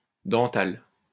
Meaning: dental
- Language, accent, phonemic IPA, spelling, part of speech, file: French, France, /dɑ̃.tal/, dental, adjective, LL-Q150 (fra)-dental.wav